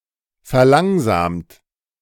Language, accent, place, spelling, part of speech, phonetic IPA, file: German, Germany, Berlin, verlangsamt, verb, [fɛɐ̯ˈlaŋzaːmt], De-verlangsamt.ogg
- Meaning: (verb) past participle of verlangsamen; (adjective) slowed, slowed down, decelerated; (verb) inflection of verlangsamen: 1. third-person singular present 2. second-person plural present